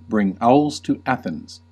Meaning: To undertake a pointless venture, one that is redundant, unnecessary, superfluous, or highly uneconomical
- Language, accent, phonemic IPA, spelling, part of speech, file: English, US, /bɹɪŋ ˈaʊlz tu ˈæ.θɪnz/, bring owls to Athens, verb, En-us-bring owls to Athens.ogg